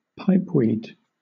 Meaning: Tobacco prepared for smoking in a pipe; also, the leaves of herbs or other plants prepared for such use
- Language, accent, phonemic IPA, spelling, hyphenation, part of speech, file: English, Southern England, /ˈpaɪpwiːd/, pipeweed, pipe‧weed, noun, LL-Q1860 (eng)-pipeweed.wav